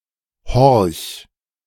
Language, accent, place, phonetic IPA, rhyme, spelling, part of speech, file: German, Germany, Berlin, [hɔʁç], -ɔʁç, horch, verb, De-horch.ogg
- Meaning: 1. singular imperative of horchen 2. first-person singular present of horchen